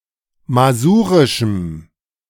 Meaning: strong dative masculine/neuter singular of masurisch
- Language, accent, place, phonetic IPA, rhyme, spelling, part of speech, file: German, Germany, Berlin, [maˈzuːʁɪʃm̩], -uːʁɪʃm̩, masurischem, adjective, De-masurischem.ogg